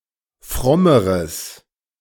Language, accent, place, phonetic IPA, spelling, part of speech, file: German, Germany, Berlin, [ˈfʁɔməʁəs], frommeres, adjective, De-frommeres.ogg
- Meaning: strong/mixed nominative/accusative neuter singular comparative degree of fromm